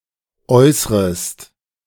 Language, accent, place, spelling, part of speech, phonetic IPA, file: German, Germany, Berlin, äußrest, verb, [ˈɔɪ̯sʁəst], De-äußrest.ogg
- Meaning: second-person singular subjunctive I of äußern